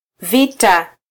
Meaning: 1. plural of kita 2. war
- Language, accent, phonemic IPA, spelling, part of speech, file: Swahili, Kenya, /ˈvi.tɑ/, vita, noun, Sw-ke-vita.flac